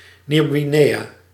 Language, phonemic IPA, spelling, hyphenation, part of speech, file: Dutch, /niu̯.ɣiˈneː.jaː/, Nieuw-Guinea, Nieuw-‧Gu‧in‧ea, proper noun, Nl-Nieuw-Guinea.ogg
- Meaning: New Guinea (large island)